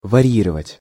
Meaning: to vary
- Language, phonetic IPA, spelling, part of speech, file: Russian, [vɐˈrʲjirəvətʲ], варьировать, verb, Ru-варьировать.ogg